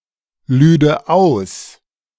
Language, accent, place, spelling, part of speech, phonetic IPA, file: German, Germany, Berlin, lüde aus, verb, [ˌlyːdə ˈaʊ̯s], De-lüde aus.ogg
- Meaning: first/third-person singular subjunctive II of ausladen